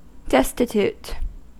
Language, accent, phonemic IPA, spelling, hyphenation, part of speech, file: English, US, /ˈdɛstɪtuːt/, destitute, des‧ti‧tute, adjective / verb, En-us-destitute.ogg
- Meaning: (adjective) 1. Lacking something; devoid 2. Lacking money, poor, impoverished; especially, extremely so; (verb) To impoverish; to strip of wealth, resources, etc